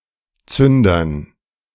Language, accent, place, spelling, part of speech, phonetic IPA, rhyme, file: German, Germany, Berlin, Zündern, noun, [ˈt͡sʏndɐn], -ʏndɐn, De-Zündern.ogg
- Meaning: dative plural of Zünder